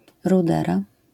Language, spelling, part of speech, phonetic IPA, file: Polish, rudera, noun, [ruˈdɛra], LL-Q809 (pol)-rudera.wav